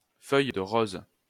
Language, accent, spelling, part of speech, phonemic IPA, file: French, France, feuille de rose, noun, /fœj də ʁoz/, LL-Q150 (fra)-feuille de rose.wav
- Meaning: anilingus